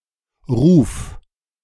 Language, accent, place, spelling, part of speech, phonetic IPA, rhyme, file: German, Germany, Berlin, ruf, verb, [ʁuːf], -uːf, De-ruf.ogg
- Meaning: singular imperative of rufen